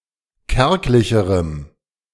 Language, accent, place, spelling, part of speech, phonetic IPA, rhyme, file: German, Germany, Berlin, kärglicherem, adjective, [ˈkɛʁklɪçəʁəm], -ɛʁklɪçəʁəm, De-kärglicherem.ogg
- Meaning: strong dative masculine/neuter singular comparative degree of kärglich